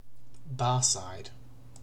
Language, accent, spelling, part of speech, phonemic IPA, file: English, UK, barside, adjective, /ˈbɑːsaɪd/, En-uk-barside.ogg
- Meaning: Beside a bar (counter or building that serves alcoholic drinks)